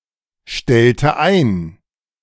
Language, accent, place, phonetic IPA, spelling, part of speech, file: German, Germany, Berlin, [ˌʃtɛltə ˈaɪ̯n], stellte ein, verb, De-stellte ein.ogg
- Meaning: inflection of einstellen: 1. first/third-person singular preterite 2. first/third-person singular subjunctive II